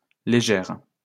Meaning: feminine singular of léger
- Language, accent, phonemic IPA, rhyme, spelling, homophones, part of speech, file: French, France, /le.ʒɛʁ/, -ɛʁ, légère, légères, adjective, LL-Q150 (fra)-légère.wav